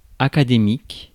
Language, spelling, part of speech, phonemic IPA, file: French, académique, noun / adjective, /a.ka.de.mik/, Fr-académique.ogg
- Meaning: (noun) academic